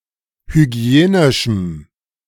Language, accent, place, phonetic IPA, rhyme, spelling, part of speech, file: German, Germany, Berlin, [hyˈɡi̯eːnɪʃm̩], -eːnɪʃm̩, hygienischem, adjective, De-hygienischem.ogg
- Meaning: strong dative masculine/neuter singular of hygienisch